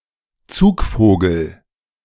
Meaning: migrant, migratory bird
- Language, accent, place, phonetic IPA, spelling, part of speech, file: German, Germany, Berlin, [ˈt͡suːkˌfoːɡl̩], Zugvogel, noun, De-Zugvogel.ogg